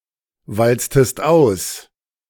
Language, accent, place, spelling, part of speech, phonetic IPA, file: German, Germany, Berlin, walztest aus, verb, [ˌvalt͡stəst ˈaʊ̯s], De-walztest aus.ogg
- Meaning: inflection of auswalzen: 1. second-person singular preterite 2. second-person singular subjunctive II